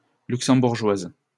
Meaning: female equivalent of Luxembourgeois
- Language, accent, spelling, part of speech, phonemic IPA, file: French, France, Luxembourgeoise, noun, /lyk.sɑ̃.buʁ.ʒwaz/, LL-Q150 (fra)-Luxembourgeoise.wav